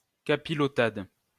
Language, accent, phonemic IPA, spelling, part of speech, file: French, France, /ka.pi.lɔ.tad/, capilotade, noun, LL-Q150 (fra)-capilotade.wav
- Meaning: capilotade